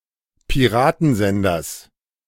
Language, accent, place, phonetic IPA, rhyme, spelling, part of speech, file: German, Germany, Berlin, [piˈʁaːtn̩ˌzɛndɐs], -aːtn̩zɛndɐs, Piratensenders, noun, De-Piratensenders.ogg
- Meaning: genitive singular of Piratensender